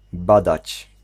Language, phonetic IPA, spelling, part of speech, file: Polish, [ˈbadat͡ɕ], badać, verb, Pl-badać.ogg